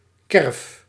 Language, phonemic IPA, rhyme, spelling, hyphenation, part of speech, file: Dutch, /kɛrf/, -ɛrf, kerf, kerf, noun / verb, Nl-kerf.ogg
- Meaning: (noun) 1. a carve or groove 2. insect; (verb) inflection of kerven: 1. first-person singular present indicative 2. second-person singular present indicative 3. imperative